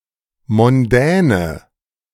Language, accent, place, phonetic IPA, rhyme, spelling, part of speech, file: German, Germany, Berlin, [mɔnˈdɛːnə], -ɛːnə, mondäne, adjective, De-mondäne.ogg
- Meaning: inflection of mondän: 1. strong/mixed nominative/accusative feminine singular 2. strong nominative/accusative plural 3. weak nominative all-gender singular 4. weak accusative feminine/neuter singular